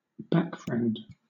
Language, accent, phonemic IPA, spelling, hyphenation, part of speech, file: English, Southern England, /ˈbækˌfɹɛnd/, backfriend, back‧friend, noun, LL-Q1860 (eng)-backfriend.wav
- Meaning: A friend who supports someone; a person who has someone's back; a backer, a supporter